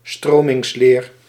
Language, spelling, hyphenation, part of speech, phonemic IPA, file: Dutch, stromingsleer, stro‧mings‧leer, noun, /ˈstroː.mɪŋsˌleːr/, Nl-stromingsleer.ogg
- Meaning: fluid mechanics, hydraulics and pneumatics